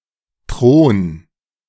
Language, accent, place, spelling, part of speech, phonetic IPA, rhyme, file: German, Germany, Berlin, thron, verb, [tʁoːn], -oːn, De-thron.ogg
- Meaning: 1. singular imperative of thronen 2. first-person singular present of thronen